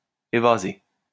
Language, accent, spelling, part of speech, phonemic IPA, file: French, France, évaser, verb, /e.va.ze/, LL-Q150 (fra)-évaser.wav
- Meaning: 1. to widen, open out or splay 2. to flare